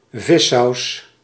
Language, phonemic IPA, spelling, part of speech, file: Dutch, /ˈvɪsɑus/, vissaus, noun, Nl-vissaus.ogg
- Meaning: fish sauce